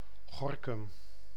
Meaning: Gorinchem (a city and municipality of South Holland, Netherlands)
- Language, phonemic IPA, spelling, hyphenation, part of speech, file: Dutch, /ˈɣɔr.kʏm/, Gorinchem, Go‧rin‧chem, proper noun, Nl-Gorinchem.ogg